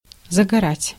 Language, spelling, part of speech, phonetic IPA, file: Russian, загорать, verb, [zəɡɐˈratʲ], Ru-загорать.ogg
- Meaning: 1. to tan, to suntan, to sunbathe 2. to acquire a tan 3. to idle, to loaf